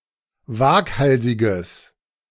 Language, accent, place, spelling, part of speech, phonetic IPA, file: German, Germany, Berlin, waghalsiges, adjective, [ˈvaːkˌhalzɪɡəs], De-waghalsiges.ogg
- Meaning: strong/mixed nominative/accusative neuter singular of waghalsig